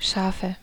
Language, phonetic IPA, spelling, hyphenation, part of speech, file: German, [ˈʃaːfə], Schafe, Scha‧fe, noun, De-Schafe.ogg
- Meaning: nominative/accusative/genitive plural of Schaf (“sheep”)